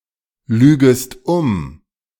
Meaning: second-person singular subjunctive I of umlügen
- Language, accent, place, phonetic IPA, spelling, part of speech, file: German, Germany, Berlin, [ˌlyːɡəst ˈʊm], lügest um, verb, De-lügest um.ogg